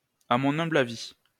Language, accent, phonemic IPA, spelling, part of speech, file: French, France, /a mɔ̃.n‿œ̃.bl‿a.vi/, amha, adverb, LL-Q150 (fra)-amha.wav
- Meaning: alternative spelling of àmha